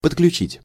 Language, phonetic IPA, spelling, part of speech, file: Russian, [pətklʲʉˈt͡ɕitʲ], подключить, verb, Ru-подключить.ogg
- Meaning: 1. to connect (to), to link up (with) 2. to enable, to turn on 3. to get involved (in)